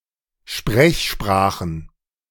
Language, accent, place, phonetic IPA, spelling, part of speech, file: German, Germany, Berlin, [ˈʃpʁɛçˌʃpʁaːxn̩], Sprechsprachen, noun, De-Sprechsprachen.ogg
- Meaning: plural of Sprechsprache